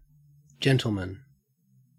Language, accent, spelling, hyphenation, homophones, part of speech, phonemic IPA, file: English, Australia, gentleman, gentle‧man, gentlemen, noun, /ˈd͡ʒɛn.təl.mən/, En-au-gentleman.ogg
- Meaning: 1. Any well-bred, well-mannered, or charming man 2. Any man